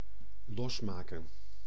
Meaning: 1. to make loose, to undo, unfasten 2. to buy all the wares from, to buy until the seller is out of stock 3. to cut ties (with), extricate oneself
- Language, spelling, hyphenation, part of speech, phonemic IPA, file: Dutch, losmaken, los‧ma‧ken, verb, /ˈlɔsˌmaː.kə(n)/, Nl-losmaken.ogg